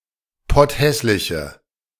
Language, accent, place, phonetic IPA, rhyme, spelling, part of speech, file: German, Germany, Berlin, [ˈpɔtˌhɛslɪçə], -ɛslɪçə, potthässliche, adjective, De-potthässliche.ogg
- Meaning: inflection of potthässlich: 1. strong/mixed nominative/accusative feminine singular 2. strong nominative/accusative plural 3. weak nominative all-gender singular